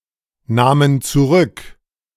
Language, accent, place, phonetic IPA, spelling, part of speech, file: German, Germany, Berlin, [ˌnaːmən t͡suˈʁʏk], nahmen zurück, verb, De-nahmen zurück.ogg
- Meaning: first/third-person plural preterite of zurücknehmen